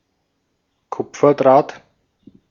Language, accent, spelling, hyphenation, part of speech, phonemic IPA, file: German, Austria, Kupferdraht, Kup‧fer‧draht, noun, /ˈkʊp͡fɐˌdʁaːt/, De-at-Kupferdraht.ogg
- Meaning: copper wire